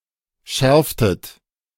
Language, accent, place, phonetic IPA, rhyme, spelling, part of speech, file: German, Germany, Berlin, [ˈʃɛʁftət], -ɛʁftət, schärftet, verb, De-schärftet.ogg
- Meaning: inflection of schärfen: 1. second-person plural preterite 2. second-person plural subjunctive II